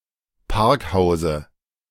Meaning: dative of Parkhaus
- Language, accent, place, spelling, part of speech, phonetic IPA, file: German, Germany, Berlin, Parkhause, noun, [ˈpaʁkˌhaʊ̯zə], De-Parkhause.ogg